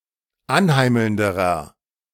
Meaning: inflection of anheimelnd: 1. strong/mixed nominative masculine singular comparative degree 2. strong genitive/dative feminine singular comparative degree 3. strong genitive plural comparative degree
- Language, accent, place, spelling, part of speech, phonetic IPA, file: German, Germany, Berlin, anheimelnderer, adjective, [ˈanˌhaɪ̯ml̩ndəʁɐ], De-anheimelnderer.ogg